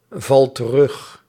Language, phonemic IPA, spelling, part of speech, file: Dutch, /ˈvɑl t(ə)ˈrʏx/, val terug, verb, Nl-val terug.ogg
- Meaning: inflection of terugvallen: 1. first-person singular present indicative 2. second-person singular present indicative 3. imperative